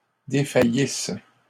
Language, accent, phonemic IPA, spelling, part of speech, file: French, Canada, /de.fa.jis/, défaillisse, verb, LL-Q150 (fra)-défaillisse.wav
- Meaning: first-person singular imperfect subjunctive of défaillir